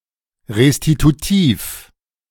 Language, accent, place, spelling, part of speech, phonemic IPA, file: German, Germany, Berlin, restitutiv, adjective, /ʁestituˈtiːf/, De-restitutiv.ogg
- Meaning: restitutive